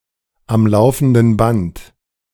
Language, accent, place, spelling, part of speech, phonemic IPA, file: German, Germany, Berlin, am laufenden Band, adverb, /am ˈlaʊ̯fəndn̩ ˈbant/, De-am laufenden Band.ogg
- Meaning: incessantly